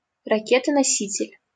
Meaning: launch vehicle, carrier rocket
- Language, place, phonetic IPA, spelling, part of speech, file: Russian, Saint Petersburg, [rɐˌkʲetə nɐˈsʲitʲɪlʲ], ракета-носитель, noun, LL-Q7737 (rus)-ракета-носитель.wav